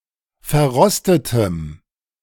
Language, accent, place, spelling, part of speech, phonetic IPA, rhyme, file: German, Germany, Berlin, verrostetem, adjective, [fɛɐ̯ˈʁɔstətəm], -ɔstətəm, De-verrostetem.ogg
- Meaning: strong dative masculine/neuter singular of verrostet